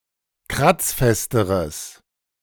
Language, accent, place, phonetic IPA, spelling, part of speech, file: German, Germany, Berlin, [ˈkʁat͡sˌfɛstəʁəs], kratzfesteres, adjective, De-kratzfesteres.ogg
- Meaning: strong/mixed nominative/accusative neuter singular comparative degree of kratzfest